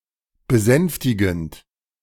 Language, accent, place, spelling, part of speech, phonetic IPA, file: German, Germany, Berlin, besänftigend, verb, [bəˈzɛnftɪɡn̩t], De-besänftigend.ogg
- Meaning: present participle of besänftigen